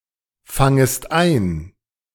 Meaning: second-person singular subjunctive I of einfangen
- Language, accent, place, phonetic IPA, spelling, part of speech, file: German, Germany, Berlin, [ˌfaŋəst ˈaɪ̯n], fangest ein, verb, De-fangest ein.ogg